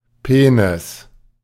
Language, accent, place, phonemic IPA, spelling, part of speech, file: German, Germany, Berlin, /ˈpeːnɪs/, Penis, noun, De-Penis.ogg
- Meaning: penis